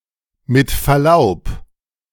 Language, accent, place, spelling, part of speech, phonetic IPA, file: German, Germany, Berlin, mit Verlaub, phrase, [mɪt fɛɐ̯ˈlaʊ̯p], De-mit Verlaub.ogg
- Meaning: 1. with respect; with all due respect 2. pardon my French